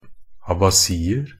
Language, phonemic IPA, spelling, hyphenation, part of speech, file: Norwegian Bokmål, /abaˈsiːər/, abasier, a‧ba‧si‧er, noun, Nb-abasier.ogg
- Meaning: indefinite plural of abasi